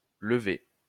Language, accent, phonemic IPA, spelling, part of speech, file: French, France, /lə.ve/, levée, noun / verb, LL-Q150 (fra)-levée.wav
- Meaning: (noun) 1. removal (act of removing or taking off) 2. levee (geographical feature) 3. trick 4. arising, a ceremony in which the King or Queen of France arose from bed and prepared for the day